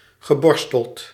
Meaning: past participle of borstelen
- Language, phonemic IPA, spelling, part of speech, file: Dutch, /ɣəˈbɔrstəlt/, geborsteld, verb, Nl-geborsteld.ogg